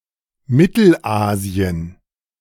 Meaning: synonym of Zentralasien: Central Asia (a landlocked geographic area of continental central Asia comprising Kazakhstan, Kyrgyzstan, Tajikistan, Turkmenistan and Uzbekistan)
- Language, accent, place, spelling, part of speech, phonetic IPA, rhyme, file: German, Germany, Berlin, Mittelasien, proper noun, [ˈmɪtl̩ˌʔaːzi̯ən], -aːzi̯ən, De-Mittelasien.ogg